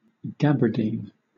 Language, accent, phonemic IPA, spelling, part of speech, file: English, Southern England, /ˈɡæbəˌdiːn/, gabardine, noun, LL-Q1860 (eng)-gabardine.wav
- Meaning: 1. A type of woolen cloth with a diagonal ribbed texture on one side 2. A similar fabric, made from cotton 3. A long cloak